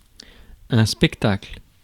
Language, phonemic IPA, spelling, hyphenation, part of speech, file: French, /spɛk.takl/, spectacle, spec‧ta‧cle, noun, Fr-spectacle.ogg
- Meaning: 1. a show, a spectacle, a performance, a concert 2. a sight, a showing, a display